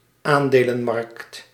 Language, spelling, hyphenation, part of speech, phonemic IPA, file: Dutch, aandelenmarkt, aan‧de‧len‧markt, noun, /ˈaːn.deː.lə(n)ˌmɑrkt/, Nl-aandelenmarkt.ogg
- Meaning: stock market